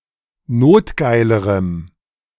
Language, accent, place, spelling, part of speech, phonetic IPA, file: German, Germany, Berlin, notgeilerem, adjective, [ˈnoːtˌɡaɪ̯ləʁəm], De-notgeilerem.ogg
- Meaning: strong dative masculine/neuter singular comparative degree of notgeil